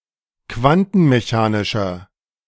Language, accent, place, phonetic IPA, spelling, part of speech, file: German, Germany, Berlin, [ˈkvantn̩meˌçaːnɪʃɐ], quantenmechanischer, adjective, De-quantenmechanischer.ogg
- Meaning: inflection of quantenmechanisch: 1. strong/mixed nominative masculine singular 2. strong genitive/dative feminine singular 3. strong genitive plural